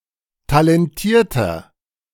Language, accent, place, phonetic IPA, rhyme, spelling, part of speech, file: German, Germany, Berlin, [talɛnˈtiːɐ̯tɐ], -iːɐ̯tɐ, talentierter, adjective, De-talentierter.ogg
- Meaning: 1. comparative degree of talentiert 2. inflection of talentiert: strong/mixed nominative masculine singular 3. inflection of talentiert: strong genitive/dative feminine singular